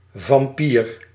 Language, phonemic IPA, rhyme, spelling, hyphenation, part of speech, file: Dutch, /vɑmˈpiːr/, -iːr, vampier, vam‧pier, noun, Nl-vampier.ogg
- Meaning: 1. a vampire (folkloric blood-sucking monster) 2. a vampire bat, bat of the subfamily Desmodontinae